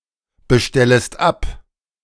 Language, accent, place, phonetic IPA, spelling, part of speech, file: German, Germany, Berlin, [bəˌʃtɛləst ˈap], bestellest ab, verb, De-bestellest ab.ogg
- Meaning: second-person singular subjunctive I of abbestellen